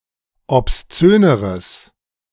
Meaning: strong/mixed nominative/accusative neuter singular comparative degree of obszön
- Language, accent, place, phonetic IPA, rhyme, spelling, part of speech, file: German, Germany, Berlin, [ɔpsˈt͡søːnəʁəs], -øːnəʁəs, obszöneres, adjective, De-obszöneres.ogg